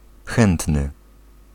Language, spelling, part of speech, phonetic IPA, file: Polish, chętny, adjective / noun, [ˈxɛ̃ntnɨ], Pl-chętny.ogg